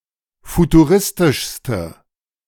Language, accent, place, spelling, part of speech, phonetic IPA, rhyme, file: German, Germany, Berlin, futuristischste, adjective, [futuˈʁɪstɪʃstə], -ɪstɪʃstə, De-futuristischste.ogg
- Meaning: inflection of futuristisch: 1. strong/mixed nominative/accusative feminine singular superlative degree 2. strong nominative/accusative plural superlative degree